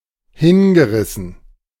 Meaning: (verb) past participle of hinreißen; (adjective) rapt, spellbound, entranced, bowled over
- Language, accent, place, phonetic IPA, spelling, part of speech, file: German, Germany, Berlin, [ˈhɪnɡəˌʁɪsn̩], hingerissen, verb, De-hingerissen.ogg